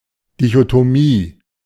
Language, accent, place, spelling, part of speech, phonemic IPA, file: German, Germany, Berlin, Dichotomie, noun, /dɪçotoˈmiː/, De-Dichotomie.ogg
- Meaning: dichotomy